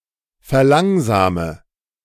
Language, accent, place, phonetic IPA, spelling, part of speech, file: German, Germany, Berlin, [fɛɐ̯ˈlaŋzaːmə], verlangsame, verb, De-verlangsame.ogg
- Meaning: inflection of verlangsamen: 1. first-person singular present 2. singular imperative 3. first/third-person singular subjunctive I